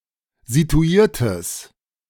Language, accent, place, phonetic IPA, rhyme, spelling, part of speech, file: German, Germany, Berlin, [zituˈiːɐ̯təs], -iːɐ̯təs, situiertes, adjective, De-situiertes.ogg
- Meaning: strong/mixed nominative/accusative neuter singular of situiert